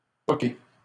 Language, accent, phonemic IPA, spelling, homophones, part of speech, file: French, Canada, /pɔ.ke/, poqué, poquai / poquée / poquées / poquer / poqués / poquez, verb, LL-Q150 (fra)-poqué.wav
- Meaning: past participle of poquer